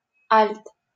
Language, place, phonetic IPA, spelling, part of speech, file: Russian, Saint Petersburg, [alʲt], альт, noun, LL-Q7737 (rus)-альт.wav
- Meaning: 1. alto (voice) 2. viola (stringed instrument)